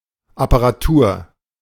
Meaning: apparatus, equipment
- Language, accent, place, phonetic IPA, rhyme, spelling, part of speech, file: German, Germany, Berlin, [apaʁaˈtuːɐ̯], -uːɐ̯, Apparatur, noun, De-Apparatur.ogg